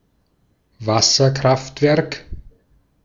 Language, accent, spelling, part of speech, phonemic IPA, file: German, Austria, Wasserkraftwerk, noun, /ˈvasɐˌkʁaftvɛʁk/, De-at-Wasserkraftwerk.ogg
- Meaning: hydroelectric power station